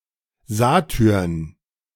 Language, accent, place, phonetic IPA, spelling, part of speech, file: German, Germany, Berlin, [ˈzaːtʏʁn], Satyrn, noun, De-Satyrn.ogg
- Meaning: plural of Satyr